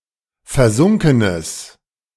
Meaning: strong/mixed nominative/accusative neuter singular of versunken
- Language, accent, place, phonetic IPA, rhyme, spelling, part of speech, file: German, Germany, Berlin, [fɛɐ̯ˈzʊŋkənəs], -ʊŋkənəs, versunkenes, adjective, De-versunkenes.ogg